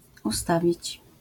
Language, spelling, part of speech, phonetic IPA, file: Polish, ustawić, verb, [uˈstavʲit͡ɕ], LL-Q809 (pol)-ustawić.wav